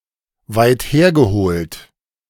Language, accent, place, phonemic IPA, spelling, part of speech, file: German, Germany, Berlin, /vaɪ̯tˈheːr.ɡəˌhoːlt/, weit hergeholt, adjective, De-weit hergeholt.ogg
- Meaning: far-fetched (rather unlikely; resting the truth of several unknowns)